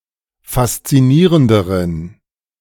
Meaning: inflection of faszinierend: 1. strong genitive masculine/neuter singular comparative degree 2. weak/mixed genitive/dative all-gender singular comparative degree
- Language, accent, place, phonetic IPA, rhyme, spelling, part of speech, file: German, Germany, Berlin, [fast͡siˈniːʁəndəʁən], -iːʁəndəʁən, faszinierenderen, adjective, De-faszinierenderen.ogg